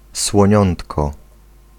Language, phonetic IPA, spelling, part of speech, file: Polish, [swɔ̃ˈɲɔ̃ntkɔ], słoniątko, noun, Pl-słoniątko.ogg